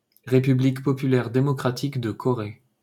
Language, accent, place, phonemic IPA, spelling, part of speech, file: French, France, Paris, /ʁe.py.blik pɔ.py.lɛʁ de.mɔ.kʁa.tik də kɔ.ʁe/, République populaire démocratique de Corée, proper noun, LL-Q150 (fra)-République populaire démocratique de Corée.wav
- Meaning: Democratic People's Republic of Korea (official name of North Korea: a country in East Asia)